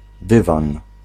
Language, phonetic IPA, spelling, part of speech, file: Polish, [ˈdɨvãn], dywan, noun, Pl-dywan.ogg